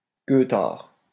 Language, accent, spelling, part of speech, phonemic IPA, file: French, France, queutard, noun, /kø.taʁ/, LL-Q150 (fra)-queutard.wav
- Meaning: horn dog, womanizer (man fixated on sex)